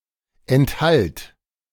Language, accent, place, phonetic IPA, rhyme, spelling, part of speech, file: German, Germany, Berlin, [ɛntˈhalt], -alt, enthalt, verb, De-enthalt.ogg
- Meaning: singular imperative of enthalten